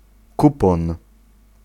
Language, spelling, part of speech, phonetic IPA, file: Polish, kupon, noun, [ˈkupɔ̃n], Pl-kupon.ogg